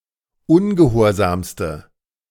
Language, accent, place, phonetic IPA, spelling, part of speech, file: German, Germany, Berlin, [ˈʊnɡəˌhoːɐ̯zaːmstə], ungehorsamste, adjective, De-ungehorsamste.ogg
- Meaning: inflection of ungehorsam: 1. strong/mixed nominative/accusative feminine singular superlative degree 2. strong nominative/accusative plural superlative degree